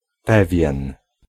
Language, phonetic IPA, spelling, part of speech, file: Polish, [ˈpɛvʲjɛ̃n], pewien, pronoun / adjective, Pl-pewien.ogg